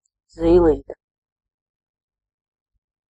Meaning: 1. diminutive of zīle 2. pupil (opening in the iris through which light reaches the retina) 3. tit, titmouse (small passerine bird, gen. Parus)
- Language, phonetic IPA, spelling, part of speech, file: Latvian, [zīːlìːtɛ], zīlīte, noun, Lv-zīlīte.ogg